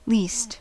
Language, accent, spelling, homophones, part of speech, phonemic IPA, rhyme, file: English, General American, least, leased, adjective / determiner / adverb / noun / pronoun / prepositional phrase, /list/, -iːst, En-us-least.ogg
- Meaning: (adjective) Chiefly preceded by the: superlative form of little: most little.: Chiefly used with abstract nouns: less than all others in extent or size; littlest, smallest